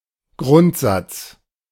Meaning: principle, tenet
- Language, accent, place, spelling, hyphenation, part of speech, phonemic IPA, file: German, Germany, Berlin, Grundsatz, Grund‧satz, noun, /ˈɡʁʊntˌzat͡s/, De-Grundsatz.ogg